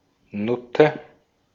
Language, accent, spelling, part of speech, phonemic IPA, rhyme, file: German, Austria, Nutte, noun, /ˈnʊtə/, -ʊtə, De-at-Nutte.ogg
- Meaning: whore; prostitute